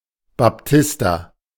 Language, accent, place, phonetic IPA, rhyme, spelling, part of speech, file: German, Germany, Berlin, [bapˈtɪsta], -ɪsta, Baptista, proper noun, De-Baptista.ogg
- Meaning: alternative form of Baptist